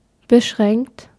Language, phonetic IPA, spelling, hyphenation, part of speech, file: German, [bəˈʃʁɛŋkt], beschränkt, be‧schränkt, verb / adjective, De-beschränkt.ogg
- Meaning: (verb) past participle of beschränken; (adjective) 1. limited, restricted, confined 2. narrow-minded 3. bounded